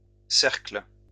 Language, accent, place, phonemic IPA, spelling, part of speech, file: French, France, Lyon, /sɛʁkl/, cercles, noun / verb, LL-Q150 (fra)-cercles.wav
- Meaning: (noun) plural of cercle; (verb) second-person singular present indicative/subjunctive of cercler